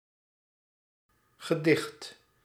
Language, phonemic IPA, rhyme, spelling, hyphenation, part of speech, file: Dutch, /ɣəˈdɪxt/, -ɪxt, gedicht, ge‧dicht, noun / verb, Nl-gedicht.ogg
- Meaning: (noun) poem; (verb) past participle of dichten